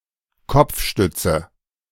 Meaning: headrest, head restraint
- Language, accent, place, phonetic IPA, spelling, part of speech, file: German, Germany, Berlin, [ˈkɔp͡fˌʃtʏt͡sə], Kopfstütze, noun, De-Kopfstütze.ogg